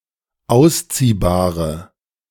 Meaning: inflection of ausziehbar: 1. strong/mixed nominative/accusative feminine singular 2. strong nominative/accusative plural 3. weak nominative all-gender singular
- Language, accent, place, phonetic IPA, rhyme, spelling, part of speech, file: German, Germany, Berlin, [ˈaʊ̯sˌt͡siːbaːʁə], -aʊ̯st͡siːbaːʁə, ausziehbare, adjective, De-ausziehbare.ogg